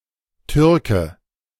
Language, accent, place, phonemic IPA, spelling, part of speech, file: German, Germany, Berlin, /ˈtʏrkə/, Türke, noun, De-Türke.ogg
- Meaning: 1. a Turk (native or inhabitant of Turkey, person of Turkish descent) 2. a Turk (speaker of a Turkic language) 3. an Ottoman 4. a Muslim, sometimes as an adversary of Christians